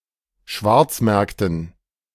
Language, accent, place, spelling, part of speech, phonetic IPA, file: German, Germany, Berlin, Schwarzmärkten, noun, [ˈʃvaʁt͡sˌmɛʁktn̩], De-Schwarzmärkten.ogg
- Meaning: dative plural of Schwarzmarkt